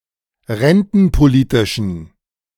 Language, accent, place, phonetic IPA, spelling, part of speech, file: German, Germany, Berlin, [ˈʁɛntn̩poˌliːtɪʃn̩], rentenpolitischen, adjective, De-rentenpolitischen.ogg
- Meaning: inflection of rentenpolitisch: 1. strong genitive masculine/neuter singular 2. weak/mixed genitive/dative all-gender singular 3. strong/weak/mixed accusative masculine singular 4. strong dative plural